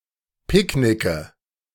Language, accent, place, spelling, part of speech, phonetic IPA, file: German, Germany, Berlin, Picknicke, noun, [ˈpɪkˌnɪkə], De-Picknicke.ogg
- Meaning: genitive singular of Picknick